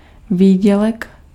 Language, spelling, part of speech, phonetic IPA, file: Czech, výdělek, noun, [ˈviːɟɛlɛk], Cs-výdělek.ogg
- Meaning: earnings